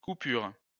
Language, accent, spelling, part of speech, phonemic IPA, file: French, France, coupure, noun, /ku.pyʁ/, LL-Q150 (fra)-coupure.wav
- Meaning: 1. the act or result of cutting; a cut 2. interruption 3. power cut, blackout 4. cutting, cut out, clipping 5. bill, a piece of paper money